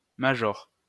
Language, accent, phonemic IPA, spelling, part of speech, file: French, France, /ma.ʒɔʁ/, major, noun, LL-Q150 (fra)-major.wav
- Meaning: 1. the highest non-commissioned officer rank: sergeant major, “major” 2. major (field officer rank)